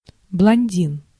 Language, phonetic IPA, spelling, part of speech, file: Russian, [bɫɐnʲˈdʲin], блондин, noun, Ru-блондин.ogg
- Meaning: blond (fair-skinned, fair-haired man)